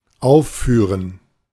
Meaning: 1. to perform (a play, a piece of music, etc.; especially on a stage) 2. to list (to give as a concrete instance or example)
- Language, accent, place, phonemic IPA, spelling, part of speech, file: German, Germany, Berlin, /ˈaʊ̯fˌfyːʁən/, aufführen, verb, De-aufführen.ogg